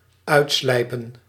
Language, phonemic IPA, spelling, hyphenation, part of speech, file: Dutch, /ˈœy̯tˌslɛi̯.pə(n)/, uitslijpen, uit‧slij‧pen, verb, Nl-uitslijpen.ogg
- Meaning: to grind away